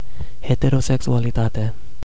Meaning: heterosexuality
- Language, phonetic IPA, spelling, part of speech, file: Romanian, [heteroseksualiˈtate], heterosexualitate, noun, Ro-heterosexualitate.ogg